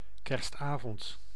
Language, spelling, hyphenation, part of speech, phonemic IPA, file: Dutch, kerstavond, kerst‧avond, noun, /ˈkɛrstˌaː.vɔnt/, Nl-kerstavond.ogg
- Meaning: Christmas Eve (evening before Christmas Day)